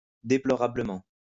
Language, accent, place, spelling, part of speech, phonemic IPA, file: French, France, Lyon, déplorablement, adverb, /de.plɔ.ʁa.blə.mɑ̃/, LL-Q150 (fra)-déplorablement.wav
- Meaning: deplorably